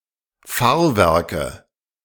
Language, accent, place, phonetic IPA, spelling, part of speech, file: German, Germany, Berlin, [ˈfaːɐ̯ˌvɛʁkə], Fahrwerke, noun, De-Fahrwerke.ogg
- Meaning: nominative/accusative/genitive plural of Fahrwerk